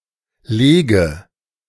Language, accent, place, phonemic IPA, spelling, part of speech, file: German, Germany, Berlin, /ˈleːɡə/, lege, verb, De-lege.ogg
- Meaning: inflection of legen: 1. first-person singular present 2. singular imperative 3. first/third-person singular subjunctive I